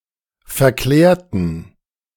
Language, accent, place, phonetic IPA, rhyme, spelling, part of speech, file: German, Germany, Berlin, [fɛɐ̯ˈklɛːɐ̯tn̩], -ɛːɐ̯tn̩, verklärten, adjective / verb, De-verklärten.ogg
- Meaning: inflection of verklärt: 1. strong genitive masculine/neuter singular 2. weak/mixed genitive/dative all-gender singular 3. strong/weak/mixed accusative masculine singular 4. strong dative plural